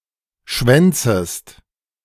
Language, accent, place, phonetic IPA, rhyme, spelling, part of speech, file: German, Germany, Berlin, [ˈʃvɛnt͡səst], -ɛnt͡səst, schwänzest, verb, De-schwänzest.ogg
- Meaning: second-person singular subjunctive I of schwänzen